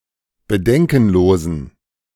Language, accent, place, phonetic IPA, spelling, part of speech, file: German, Germany, Berlin, [bəˈdɛŋkn̩ˌloːzn̩], bedenkenlosen, adjective, De-bedenkenlosen.ogg
- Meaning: inflection of bedenkenlos: 1. strong genitive masculine/neuter singular 2. weak/mixed genitive/dative all-gender singular 3. strong/weak/mixed accusative masculine singular 4. strong dative plural